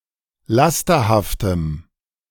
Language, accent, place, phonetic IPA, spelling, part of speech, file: German, Germany, Berlin, [ˈlastɐhaftəm], lasterhaftem, adjective, De-lasterhaftem.ogg
- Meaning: strong dative masculine/neuter singular of lasterhaft